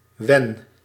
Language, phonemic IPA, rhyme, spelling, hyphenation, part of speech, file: Dutch, /ʋɛn/, -ɛn, wen, wen, adverb / conjunction / verb, Nl-wen.ogg
- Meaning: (adverb) when; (conjunction) if, when; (verb) inflection of wennen: 1. first-person singular present indicative 2. second-person singular present indicative 3. imperative